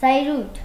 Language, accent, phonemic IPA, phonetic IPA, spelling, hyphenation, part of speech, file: Armenian, Eastern Armenian, /zɑjˈɾujtʰ/, [zɑjɾújtʰ], զայրույթ, զայ‧րույթ, noun, Hy-զայրույթ.ogg
- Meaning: anger, indignation